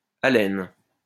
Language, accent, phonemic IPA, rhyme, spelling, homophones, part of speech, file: French, France, /a.lɛn/, -ɛn, alène, alêne / alênes / allen / Allen / allène / allènes / haleine / haleines / halène / halènent / halènes, noun, LL-Q150 (fra)-alène.wav
- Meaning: alternative form of alêne